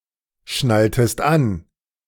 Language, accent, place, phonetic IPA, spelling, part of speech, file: German, Germany, Berlin, [ˌʃnaltəst ˈan], schnalltest an, verb, De-schnalltest an.ogg
- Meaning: inflection of anschnallen: 1. second-person singular preterite 2. second-person singular subjunctive II